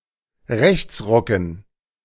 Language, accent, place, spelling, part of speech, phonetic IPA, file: German, Germany, Berlin, Rechtsrucken, noun, [ˈʁɛçt͡sˌʁʊkn̩], De-Rechtsrucken.ogg
- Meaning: dative plural of Rechtsruck